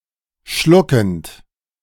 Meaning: present participle of schlucken
- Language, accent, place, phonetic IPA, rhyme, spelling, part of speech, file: German, Germany, Berlin, [ˈʃlʊkn̩t], -ʊkn̩t, schluckend, verb, De-schluckend.ogg